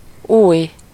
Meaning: new
- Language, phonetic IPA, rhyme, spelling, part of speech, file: Hungarian, [ˈuːj], -uːj, új, adjective, Hu-új.ogg